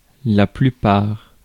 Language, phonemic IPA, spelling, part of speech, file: French, /ply.paʁ/, plupart, noun, Fr-plupart.ogg
- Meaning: 1. main part, majority 2. most of